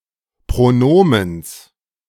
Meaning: genitive singular of Pronomen
- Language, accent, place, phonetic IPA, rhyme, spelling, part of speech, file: German, Germany, Berlin, [pʁoˈnoːməns], -oːməns, Pronomens, noun, De-Pronomens.ogg